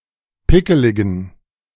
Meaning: inflection of pickelig: 1. strong genitive masculine/neuter singular 2. weak/mixed genitive/dative all-gender singular 3. strong/weak/mixed accusative masculine singular 4. strong dative plural
- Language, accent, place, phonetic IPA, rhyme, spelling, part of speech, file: German, Germany, Berlin, [ˈpɪkəlɪɡn̩], -ɪkəlɪɡn̩, pickeligen, adjective, De-pickeligen.ogg